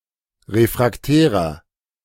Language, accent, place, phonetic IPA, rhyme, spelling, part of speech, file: German, Germany, Berlin, [ˌʁefʁakˈtɛːʁɐ], -ɛːʁɐ, refraktärer, adjective, De-refraktärer.ogg
- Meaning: inflection of refraktär: 1. strong/mixed nominative masculine singular 2. strong genitive/dative feminine singular 3. strong genitive plural